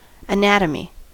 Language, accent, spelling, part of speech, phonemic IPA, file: English, US, anatomy, noun, /əˈnætəmi/, En-us-anatomy.ogg
- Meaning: The science that deals with the form and structure of organic bodies; anatomical structure or organization